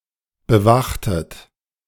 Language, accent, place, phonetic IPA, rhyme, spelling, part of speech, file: German, Germany, Berlin, [bəˈvaxtət], -axtət, bewachtet, verb, De-bewachtet.ogg
- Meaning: inflection of bewachen: 1. second-person plural preterite 2. second-person plural subjunctive II